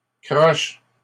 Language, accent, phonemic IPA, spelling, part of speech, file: French, Canada, /kʁɔʃ/, croches, noun, LL-Q150 (fra)-croches.wav
- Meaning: plural of croche